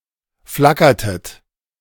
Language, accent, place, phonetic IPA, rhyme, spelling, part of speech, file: German, Germany, Berlin, [ˈflakɐtət], -akɐtət, flackertet, verb, De-flackertet.ogg
- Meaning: inflection of flackern: 1. second-person plural preterite 2. second-person plural subjunctive II